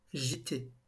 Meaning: 1. to list, heel over 2. to (take) shelter, rest
- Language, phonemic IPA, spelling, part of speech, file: French, /ʒi.te/, gîter, verb, LL-Q150 (fra)-gîter.wav